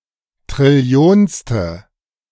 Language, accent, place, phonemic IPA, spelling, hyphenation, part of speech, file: German, Germany, Berlin, /tʁɪˈli̯oːnstə/, trillionste, tril‧li‧ons‧te, adjective, De-trillionste.ogg
- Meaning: quintillionth